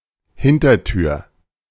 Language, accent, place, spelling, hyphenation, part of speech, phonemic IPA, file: German, Germany, Berlin, Hintertür, Hin‧ter‧tür, noun, /ˈhɪn.tɐˌtyːɐ̯/, De-Hintertür.ogg
- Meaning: back door